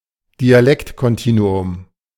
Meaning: dialect continuum
- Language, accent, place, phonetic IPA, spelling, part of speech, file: German, Germany, Berlin, [diaˈlɛktkɔnˌtiːnuʊm], Dialektkontinuum, noun, De-Dialektkontinuum.ogg